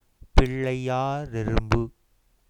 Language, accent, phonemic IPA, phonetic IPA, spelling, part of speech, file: Tamil, India, /pɪɭːɐɪ̯jɑːɾɛrʊmbɯ/, [pɪɭːɐɪ̯jäːɾe̞rʊmbɯ], பிள்ளையாரெறும்பு, noun, Ta-பிள்ளையாரெறும்பு.ogg
- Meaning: A kind of ant